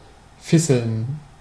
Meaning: to drizzle or flurry: to rain or snow lightly
- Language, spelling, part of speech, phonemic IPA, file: German, fisseln, verb, /ˈfɪzəln/, De-fisseln.ogg